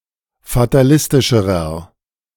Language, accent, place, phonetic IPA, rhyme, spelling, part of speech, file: German, Germany, Berlin, [fataˈlɪstɪʃəʁɐ], -ɪstɪʃəʁɐ, fatalistischerer, adjective, De-fatalistischerer.ogg
- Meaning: inflection of fatalistisch: 1. strong/mixed nominative masculine singular comparative degree 2. strong genitive/dative feminine singular comparative degree 3. strong genitive plural comparative degree